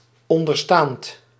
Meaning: written/shown/mentioned below
- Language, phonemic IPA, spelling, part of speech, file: Dutch, /ˈɔndərstaːnt/, onderstaand, adjective, Nl-onderstaand.ogg